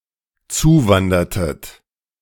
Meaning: inflection of zuwandern: 1. second-person plural dependent preterite 2. second-person plural dependent subjunctive II
- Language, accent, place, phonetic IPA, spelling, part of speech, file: German, Germany, Berlin, [ˈt͡suːˌvandɐtət], zuwandertet, verb, De-zuwandertet.ogg